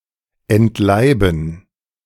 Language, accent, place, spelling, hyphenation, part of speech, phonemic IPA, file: German, Germany, Berlin, entleiben, ent‧lei‧ben, verb, /ɛntˈlaɪ̯bn̩/, De-entleiben.ogg
- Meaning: to kill